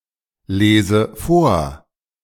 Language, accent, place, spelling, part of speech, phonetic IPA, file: German, Germany, Berlin, lese vor, verb, [ˌleːzə ˈfoːɐ̯], De-lese vor.ogg
- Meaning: inflection of vorlesen: 1. first-person singular present 2. first/third-person singular subjunctive I